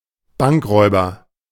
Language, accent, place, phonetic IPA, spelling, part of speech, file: German, Germany, Berlin, [ˈbaŋkˌʁɔɪ̯bɐ], Bankräuber, noun, De-Bankräuber.ogg
- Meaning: bank robber (male or of unspecified gender)